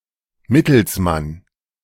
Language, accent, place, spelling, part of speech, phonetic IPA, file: German, Germany, Berlin, Mittelsmann, noun, [ˈmɪtl̩sˌman], De-Mittelsmann.ogg
- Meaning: middleman, go-between, intermediary, mediator (law), agent (male or of unspecified gender)